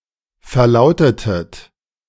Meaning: inflection of verlauten: 1. second-person plural preterite 2. second-person plural subjunctive II
- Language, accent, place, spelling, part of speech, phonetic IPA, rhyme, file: German, Germany, Berlin, verlautetet, verb, [fɛɐ̯ˈlaʊ̯tətət], -aʊ̯tətət, De-verlautetet.ogg